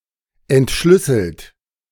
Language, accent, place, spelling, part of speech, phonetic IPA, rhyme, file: German, Germany, Berlin, entschlüsselt, verb, [ɛntˈʃlʏsl̩t], -ʏsl̩t, De-entschlüsselt.ogg
- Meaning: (verb) past participle of entschlüsseln; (adjective) 1. decrypted, deciphered 2. sequenced